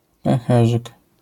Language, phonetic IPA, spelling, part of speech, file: Polish, [pɛ̃w̃ˈxɛʒɨk], pęcherzyk, noun, LL-Q809 (pol)-pęcherzyk.wav